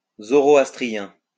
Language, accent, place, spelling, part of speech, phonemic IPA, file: French, France, Lyon, zoroastrien, adjective, /zɔ.ʁɔ.as.tʁi.jɛ̃/, LL-Q150 (fra)-zoroastrien.wav
- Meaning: Zoroastrian